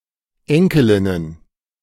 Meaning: plural of Enkelin
- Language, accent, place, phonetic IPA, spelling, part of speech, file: German, Germany, Berlin, [ˈɛŋkəlɪnən], Enkelinnen, noun, De-Enkelinnen.ogg